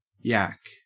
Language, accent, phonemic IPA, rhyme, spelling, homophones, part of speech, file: English, Australia, /jæk/, -æk, yack, yak, noun / verb, En-au-yack.ogg
- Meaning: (noun) Alternative form of yak (“chatter; talk”); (verb) Alternative form of yak (“talk; vomit”)